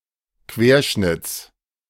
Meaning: genitive singular of Querschnitt
- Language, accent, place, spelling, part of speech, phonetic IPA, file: German, Germany, Berlin, Querschnitts, noun, [ˈkveːɐ̯ˌʃnɪt͡s], De-Querschnitts.ogg